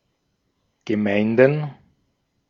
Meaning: plural of Gemeinde
- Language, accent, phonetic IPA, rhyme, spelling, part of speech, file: German, Austria, [ɡəˈmaɪ̯ndn̩], -aɪ̯ndn̩, Gemeinden, noun, De-at-Gemeinden.ogg